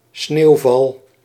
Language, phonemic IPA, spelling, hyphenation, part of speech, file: Dutch, /ˈsneːu̯ˌvɑl/, sneeuwval, sneeuw‧val, noun, Nl-sneeuwval.ogg
- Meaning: snowfall